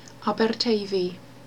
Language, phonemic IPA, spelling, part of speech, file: Welsh, /ˌabɛrˈtei̯vi/, Aberteifi, proper noun, Cy-Aberteifi.ogg
- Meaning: Cardigan (a town in Ceredigion borough county borough, Wales)